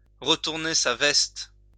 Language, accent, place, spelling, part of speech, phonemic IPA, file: French, France, Lyon, retourner sa veste, verb, /ʁə.tuʁ.ne sa vɛst/, LL-Q150 (fra)-retourner sa veste.wav
- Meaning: to turn one's coat; to change sides; to change one's mind